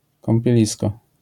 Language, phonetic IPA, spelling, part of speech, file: Polish, [ˌkɔ̃mpʲjɛˈlʲiskɔ], kąpielisko, noun, LL-Q809 (pol)-kąpielisko.wav